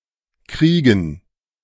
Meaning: 1. to get 2. to catch, to come down with 3. to get (something to a desired state) 4. to get (with the past participle form of a verb) 5. to war
- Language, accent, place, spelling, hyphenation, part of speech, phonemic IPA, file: German, Germany, Berlin, kriegen, krie‧gen, verb, /ˈkriːɡən/, De-kriegen.ogg